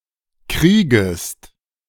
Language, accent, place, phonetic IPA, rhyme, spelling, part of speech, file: German, Germany, Berlin, [ˈkʁiːɡəst], -iːɡəst, kriegest, verb, De-kriegest.ogg
- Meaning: second-person singular subjunctive I of kriegen